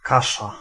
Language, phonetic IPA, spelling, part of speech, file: Polish, [ˈkaʃa], kasza, noun, Pl-kasza.ogg